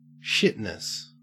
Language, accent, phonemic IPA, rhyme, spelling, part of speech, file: English, Australia, /ˈʃɪtnəs/, -ɪtnəs, shitness, noun, En-au-shitness.ogg
- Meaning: Synonym of shittiness